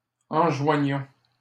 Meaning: inflection of enjoindre: 1. first-person plural present indicative 2. first-person plural imperative
- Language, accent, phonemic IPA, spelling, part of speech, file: French, Canada, /ɑ̃.ʒwa.ɲɔ̃/, enjoignons, verb, LL-Q150 (fra)-enjoignons.wav